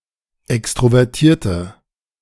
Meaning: inflection of extrovertiert: 1. strong/mixed nominative/accusative feminine singular 2. strong nominative/accusative plural 3. weak nominative all-gender singular
- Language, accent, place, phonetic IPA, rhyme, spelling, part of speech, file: German, Germany, Berlin, [ˌɛkstʁovɛʁˈtiːɐ̯tə], -iːɐ̯tə, extrovertierte, adjective, De-extrovertierte.ogg